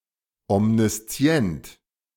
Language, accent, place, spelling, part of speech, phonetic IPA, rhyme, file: German, Germany, Berlin, omniszient, adjective, [ɔmniˈst͡si̯ɛnt], -ɛnt, De-omniszient.ogg
- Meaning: omniscient